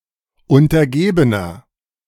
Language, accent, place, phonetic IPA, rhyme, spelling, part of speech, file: German, Germany, Berlin, [ʊntɐˈɡeːbənɐ], -eːbənɐ, untergebener, adjective, De-untergebener.ogg
- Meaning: inflection of untergeben: 1. strong/mixed nominative masculine singular 2. strong genitive/dative feminine singular 3. strong genitive plural